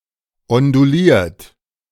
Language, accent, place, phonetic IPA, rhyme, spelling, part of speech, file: German, Germany, Berlin, [ɔnduˈliːɐ̯t], -iːɐ̯t, onduliert, verb, De-onduliert.ogg
- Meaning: 1. past participle of ondulieren 2. inflection of ondulieren: third-person singular present 3. inflection of ondulieren: second-person plural present 4. inflection of ondulieren: plural imperative